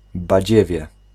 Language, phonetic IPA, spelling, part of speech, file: Polish, [baˈd͡ʑɛvʲjɛ], badziewie, noun, Pl-badziewie.ogg